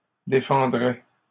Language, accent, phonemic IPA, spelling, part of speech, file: French, Canada, /de.fɑ̃.dʁɛ/, défendrait, verb, LL-Q150 (fra)-défendrait.wav
- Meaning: third-person singular conditional of défendre